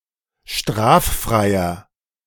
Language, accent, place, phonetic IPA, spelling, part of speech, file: German, Germany, Berlin, [ˈʃtʁaːfˌfʁaɪ̯ɐ], straffreier, adjective, De-straffreier.ogg
- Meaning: inflection of straffrei: 1. strong/mixed nominative masculine singular 2. strong genitive/dative feminine singular 3. strong genitive plural